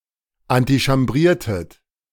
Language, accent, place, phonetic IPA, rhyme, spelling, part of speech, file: German, Germany, Berlin, [antiʃamˈbʁiːɐ̯tət], -iːɐ̯tət, antichambriertet, verb, De-antichambriertet.ogg
- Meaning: inflection of antichambrieren: 1. second-person plural preterite 2. second-person plural subjunctive II